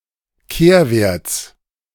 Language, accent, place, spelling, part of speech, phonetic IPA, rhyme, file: German, Germany, Berlin, Kehrwerts, noun, [ˈkeːɐ̯ˌveːɐ̯t͡s], -eːɐ̯veːɐ̯t͡s, De-Kehrwerts.ogg
- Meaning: genitive of Kehrwert